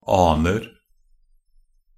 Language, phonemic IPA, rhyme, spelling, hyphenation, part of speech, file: Norwegian Bokmål, /ˈɑːnər/, -ər, aner, an‧er, verb / noun, Nb-aner.ogg
- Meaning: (verb) present tense of ane; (noun) indefinite plural of ane